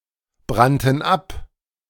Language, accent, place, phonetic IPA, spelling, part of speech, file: German, Germany, Berlin, [ˌbʁantn̩ ˈap], brannten ab, verb, De-brannten ab.ogg
- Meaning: first/third-person plural preterite of abbrennen